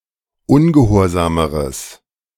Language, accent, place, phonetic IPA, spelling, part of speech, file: German, Germany, Berlin, [ˈʊnɡəˌhoːɐ̯zaːməʁəs], ungehorsameres, adjective, De-ungehorsameres.ogg
- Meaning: strong/mixed nominative/accusative neuter singular comparative degree of ungehorsam